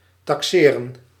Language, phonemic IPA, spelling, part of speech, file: Dutch, /tɑkˈseːrə(n)/, taxeren, verb, Nl-taxeren.ogg
- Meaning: to evaluate, appraise